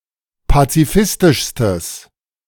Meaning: strong/mixed nominative/accusative neuter singular superlative degree of pazifistisch
- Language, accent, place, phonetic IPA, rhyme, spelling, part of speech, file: German, Germany, Berlin, [pat͡siˈfɪstɪʃstəs], -ɪstɪʃstəs, pazifistischstes, adjective, De-pazifistischstes.ogg